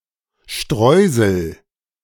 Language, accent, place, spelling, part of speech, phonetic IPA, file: German, Germany, Berlin, Streusel, noun, [ˈʃtrɔɪzəl], De-Streusel.ogg
- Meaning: streusel